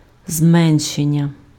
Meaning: verbal noun of зме́ншити (zménšyty): reduction, lessening, decrease, diminution
- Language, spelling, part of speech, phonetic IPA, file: Ukrainian, зменшення, noun, [ˈzmɛnʃenʲːɐ], Uk-зменшення.ogg